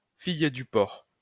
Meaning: a prostitute who works in harbours, harbour girl
- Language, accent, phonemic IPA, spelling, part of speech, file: French, France, /fij dy pɔʁ/, fille du port, noun, LL-Q150 (fra)-fille du port.wav